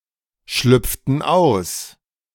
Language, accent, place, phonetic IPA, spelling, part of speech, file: German, Germany, Berlin, [ˌʃlʏp͡ftn̩ ˈaʊ̯s], schlüpften aus, verb, De-schlüpften aus.ogg
- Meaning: inflection of ausschlüpfen: 1. first/third-person plural preterite 2. first/third-person plural subjunctive II